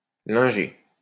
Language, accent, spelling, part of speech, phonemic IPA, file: French, France, linger, noun, /lɛ̃.ʒe/, LL-Q150 (fra)-linger.wav
- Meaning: linenkeeper